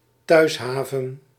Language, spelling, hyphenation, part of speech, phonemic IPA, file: Dutch, thuishaven, thuis‧ha‧ven, noun, /ˈtœy̯sˌɦaː.və(n)/, Nl-thuishaven.ogg
- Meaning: homeport